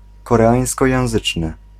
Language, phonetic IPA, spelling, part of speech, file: Polish, [ˌkɔrɛˈãj̃skɔjɛ̃w̃ˈzɨt͡ʃnɨ], koreańskojęzyczny, adjective, Pl-koreańskojęzyczny.ogg